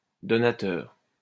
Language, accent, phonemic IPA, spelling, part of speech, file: French, France, /dɔ.na.tœʁ/, donateur, noun, LL-Q150 (fra)-donateur.wav
- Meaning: donator, donor